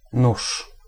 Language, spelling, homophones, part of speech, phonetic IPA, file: Polish, nóż, nuż, noun, [nuʃ], Pl-nóż.ogg